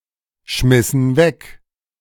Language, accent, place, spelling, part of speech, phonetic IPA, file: German, Germany, Berlin, schmissen weg, verb, [ˌʃmɪsn̩ ˈvɛk], De-schmissen weg.ogg
- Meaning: inflection of wegschmeißen: 1. first/third-person plural preterite 2. first/third-person plural subjunctive II